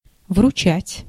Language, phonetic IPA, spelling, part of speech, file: Russian, [vrʊˈt͡ɕætʲ], вручать, verb, Ru-вручать.ogg
- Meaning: 1. to hand over, to deliver, to present 2. to entrust